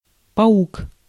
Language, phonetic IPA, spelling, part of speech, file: Russian, [pɐˈuk], паук, noun, Ru-паук.ogg
- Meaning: 1. spider 2. mean, greedy person